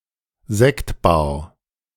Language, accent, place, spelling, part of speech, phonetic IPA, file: German, Germany, Berlin, Sektbar, noun, [ˈzɛktˌbaːɐ̯], De-Sektbar.ogg
- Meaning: champagne bar